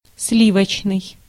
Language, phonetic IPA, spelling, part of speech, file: Russian, [ˈs⁽ʲ⁾lʲivət͡ɕnɨj], сливочный, adjective, Ru-сливочный.ogg
- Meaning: 1. cream, creamy 2. cream-colored